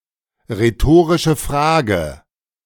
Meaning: rhetorical question
- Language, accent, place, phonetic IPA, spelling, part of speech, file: German, Germany, Berlin, [ʁeˌtoːʁɪʃə ˈfʁaːɡə], rhetorische Frage, phrase, De-rhetorische Frage.ogg